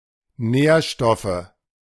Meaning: nominative/accusative/genitive plural of Nährstoff
- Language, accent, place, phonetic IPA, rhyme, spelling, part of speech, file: German, Germany, Berlin, [ˈnɛːɐ̯ˌʃtɔfə], -ɛːɐ̯ʃtɔfə, Nährstoffe, noun, De-Nährstoffe.ogg